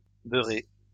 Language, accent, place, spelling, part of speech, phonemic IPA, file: French, France, Lyon, beurrée, verb, /bœ.ʁe/, LL-Q150 (fra)-beurrée.wav
- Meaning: feminine singular of beurré